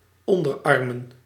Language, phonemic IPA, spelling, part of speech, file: Dutch, /ˈɔndərˌɑrmə(n)/, onderarmen, noun, Nl-onderarmen.ogg
- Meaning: plural of onderarm